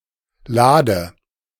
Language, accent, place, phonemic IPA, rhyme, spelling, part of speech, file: German, Germany, Berlin, /ˈlaːdə/, -aːdə, lade, verb, De-lade.ogg
- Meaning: inflection of laden: 1. first-person singular present 2. first/third-person singular subjunctive I 3. singular imperative